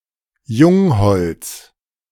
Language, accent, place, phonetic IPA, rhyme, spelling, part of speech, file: German, Germany, Berlin, [ˈjʊŋˌhɔlt͡s], -ʊŋhɔlt͡s, Jungholz, noun / proper noun, De-Jungholz.ogg
- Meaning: 1. a municipality of Haut-Rhin department, Alsace, France 2. a municipality of Tyrol, Austria